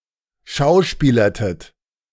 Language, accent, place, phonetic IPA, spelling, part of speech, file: German, Germany, Berlin, [ˈʃaʊ̯ˌʃpiːlɐtət], schauspielertet, verb, De-schauspielertet.ogg
- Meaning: inflection of schauspielern: 1. second-person plural preterite 2. second-person plural subjunctive II